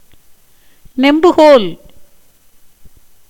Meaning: lever
- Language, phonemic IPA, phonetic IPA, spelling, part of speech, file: Tamil, /nɛmbʊɡoːl/, [ne̞mbʊɡoːl], நெம்புகோல், noun, Ta-நெம்புகோல்.ogg